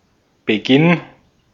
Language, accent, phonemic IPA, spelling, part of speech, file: German, Austria, /bəˈɡɪn/, Beginn, noun, De-at-Beginn.ogg
- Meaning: start, beginning